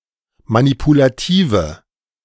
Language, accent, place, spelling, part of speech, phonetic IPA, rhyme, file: German, Germany, Berlin, manipulative, adjective, [manipulaˈtiːvə], -iːvə, De-manipulative.ogg
- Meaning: inflection of manipulativ: 1. strong/mixed nominative/accusative feminine singular 2. strong nominative/accusative plural 3. weak nominative all-gender singular